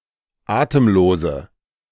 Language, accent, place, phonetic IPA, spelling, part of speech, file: German, Germany, Berlin, [ˈaːtəmˌloːzə], atemlose, adjective, De-atemlose.ogg
- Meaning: inflection of atemlos: 1. strong/mixed nominative/accusative feminine singular 2. strong nominative/accusative plural 3. weak nominative all-gender singular 4. weak accusative feminine/neuter singular